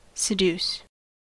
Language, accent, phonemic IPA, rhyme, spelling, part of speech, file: English, US, /sɪˈd(j)uːs/, -uːs, seduce, verb, En-us-seduce.ogg
- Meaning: 1. To beguile or lure (someone) away from duty, accepted principles, or proper conduct; to lead astray 2. To entice or induce (someone) to engage in a sexual relationship